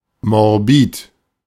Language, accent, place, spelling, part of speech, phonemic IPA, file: German, Germany, Berlin, morbid, adjective, /mɔʁˈbiːt/, De-morbid.ogg
- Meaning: morbid